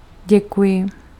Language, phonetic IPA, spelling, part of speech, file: Czech, [ˈɟɛkujɪ], děkuji, interjection / verb, Cs-děkuji.ogg
- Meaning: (interjection) thank you; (verb) first-person singular present of děkovat